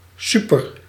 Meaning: super-
- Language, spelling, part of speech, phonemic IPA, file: Dutch, super-, prefix, /ˈsypər/, Nl-super-.ogg